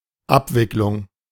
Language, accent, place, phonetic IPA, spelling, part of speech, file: German, Germany, Berlin, [ˈapvɪklʊŋ], Abwicklung, noun, De-Abwicklung.ogg
- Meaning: 1. handling, processing, implementation 2. transaction 3. liquidation (of a company)